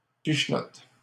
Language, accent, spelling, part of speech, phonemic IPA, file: French, Canada, pichenottes, noun, /piʃ.nɔt/, LL-Q150 (fra)-pichenottes.wav
- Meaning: plural of pichenotte